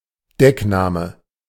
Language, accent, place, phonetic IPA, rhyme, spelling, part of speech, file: German, Germany, Berlin, [ˈdɛkˌnaːmə], -ɛknaːmə, Deckname, noun, De-Deckname.ogg
- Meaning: code name, alias